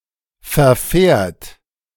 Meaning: third-person singular present of verfahren
- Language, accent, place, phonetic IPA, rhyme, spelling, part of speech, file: German, Germany, Berlin, [fɛɐ̯ˈfɛːɐ̯t], -ɛːɐ̯t, verfährt, verb, De-verfährt.ogg